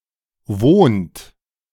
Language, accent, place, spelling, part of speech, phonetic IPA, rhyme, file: German, Germany, Berlin, wohnt, verb, [voːnt], -oːnt, De-wohnt.ogg
- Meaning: inflection of wohnen: 1. third-person singular present 2. second-person plural present 3. plural imperative